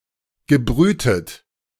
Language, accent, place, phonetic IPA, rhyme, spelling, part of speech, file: German, Germany, Berlin, [ɡəˈbʁyːtət], -yːtət, gebrütet, verb, De-gebrütet.ogg
- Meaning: past participle of brüten